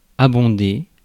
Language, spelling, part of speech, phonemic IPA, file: French, abonder, verb, /a.bɔ̃.de/, Fr-abonder.ogg
- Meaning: 1. to be found in large amounts; to abound 2. to abound; to teem; to be swarming or overflowing with (object marked with en, rarely de) 3. to contribute financing to